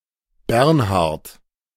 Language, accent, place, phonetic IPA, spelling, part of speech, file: German, Germany, Berlin, [ˈbɛʁnhaʁt], Bernhard, proper noun, De-Bernhard.ogg
- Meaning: 1. a male given name from Old High German, equivalent to English Bernard 2. a surname transferred from the given name